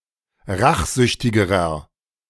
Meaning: inflection of rachsüchtig: 1. strong/mixed nominative masculine singular comparative degree 2. strong genitive/dative feminine singular comparative degree 3. strong genitive plural comparative degree
- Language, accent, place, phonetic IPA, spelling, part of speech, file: German, Germany, Berlin, [ˈʁaxˌzʏçtɪɡəʁɐ], rachsüchtigerer, adjective, De-rachsüchtigerer.ogg